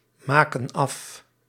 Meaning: inflection of afmaken: 1. plural present indicative 2. plural present subjunctive
- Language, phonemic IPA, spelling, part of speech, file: Dutch, /ˈmakə(n) ˈɑf/, maken af, verb, Nl-maken af.ogg